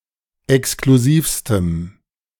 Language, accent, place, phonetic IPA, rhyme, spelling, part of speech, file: German, Germany, Berlin, [ɛkskluˈziːfstəm], -iːfstəm, exklusivstem, adjective, De-exklusivstem.ogg
- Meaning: strong dative masculine/neuter singular superlative degree of exklusiv